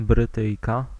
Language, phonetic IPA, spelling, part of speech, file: Polish, [brɨˈtɨjka], Brytyjka, noun, Pl-Brytyjka.ogg